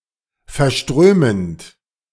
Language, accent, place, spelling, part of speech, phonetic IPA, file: German, Germany, Berlin, verströmend, verb, [fɛɐ̯ˈʃtʁøːmənt], De-verströmend.ogg
- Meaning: present participle of verströmen